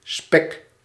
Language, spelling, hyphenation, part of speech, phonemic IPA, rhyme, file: Dutch, spek, spek, noun / verb, /spɛk/, -ɛk, Nl-spek.ogg
- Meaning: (noun) 1. bacon 2. marshmallow 3. a Spaniard, especially during the Eighty Years' War; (verb) inflection of spekken: first-person singular present indicative